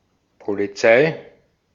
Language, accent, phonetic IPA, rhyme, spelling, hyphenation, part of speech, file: German, Austria, [ˌpo.liˈt͡saɪ̯], -aɪ̯, Polizei, Po‧li‧zei, noun, De-at-Polizei.ogg
- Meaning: police; law enforcement